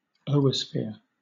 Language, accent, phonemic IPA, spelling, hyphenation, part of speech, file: English, Southern England, /ˈəʊəsfɪə/, oosphere, oo‧sphere, noun, LL-Q1860 (eng)-oosphere.wav
- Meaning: A large nonmotile egg cell, especially of an alga or fungus, formed in an oogonium and ready for fertilization